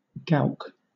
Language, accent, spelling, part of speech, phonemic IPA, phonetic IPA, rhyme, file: English, Southern England, gowk, noun / verb, /ɡaʊk/, [ˈɡæʊ̯ˀk], -aʊk, LL-Q1860 (eng)-gowk.wav
- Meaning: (noun) 1. A cuckoo 2. A fool; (verb) To make foolish; to stupefy; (noun) 1. An apple core 2. The central part of any thing; pith; core 3. The hard centre of a boil or sore 4. The yolk of an egg